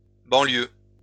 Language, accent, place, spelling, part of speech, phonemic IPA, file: French, France, Lyon, banlieues, noun, /bɑ̃.ljø/, LL-Q150 (fra)-banlieues.wav
- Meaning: plural of banlieue